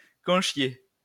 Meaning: 1. to beshit, to shit on something 2. used to tell someone to get lost
- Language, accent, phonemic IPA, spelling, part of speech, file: French, France, /kɔ̃.ʃje/, conchier, verb, LL-Q150 (fra)-conchier.wav